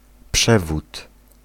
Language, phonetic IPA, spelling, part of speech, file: Polish, [ˈpʃɛvut], przewód, noun, Pl-przewód.ogg